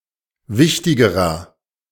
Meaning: inflection of wichtig: 1. strong/mixed nominative masculine singular comparative degree 2. strong genitive/dative feminine singular comparative degree 3. strong genitive plural comparative degree
- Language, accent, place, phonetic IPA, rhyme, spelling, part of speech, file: German, Germany, Berlin, [ˈvɪçtɪɡəʁɐ], -ɪçtɪɡəʁɐ, wichtigerer, adjective, De-wichtigerer.ogg